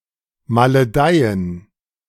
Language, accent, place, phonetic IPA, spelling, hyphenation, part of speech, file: German, Germany, Berlin, [maləˈdaɪ̯ən], maledeien, ma‧le‧dei‧en, verb, De-maledeien.ogg
- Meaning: to condemn, curse